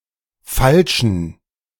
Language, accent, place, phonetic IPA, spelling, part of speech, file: German, Germany, Berlin, [ˈfalʃn̩], falschen, adjective, De-falschen.ogg
- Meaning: Inflected form of falsch